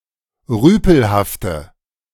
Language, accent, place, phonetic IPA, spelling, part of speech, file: German, Germany, Berlin, [ˈʁyːpl̩haftə], rüpelhafte, adjective, De-rüpelhafte.ogg
- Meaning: inflection of rüpelhaft: 1. strong/mixed nominative/accusative feminine singular 2. strong nominative/accusative plural 3. weak nominative all-gender singular